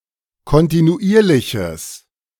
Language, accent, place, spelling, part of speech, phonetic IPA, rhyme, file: German, Germany, Berlin, kontinuierliches, adjective, [kɔntinuˈʔiːɐ̯lɪçəs], -iːɐ̯lɪçəs, De-kontinuierliches.ogg
- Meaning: strong/mixed nominative/accusative neuter singular of kontinuierlich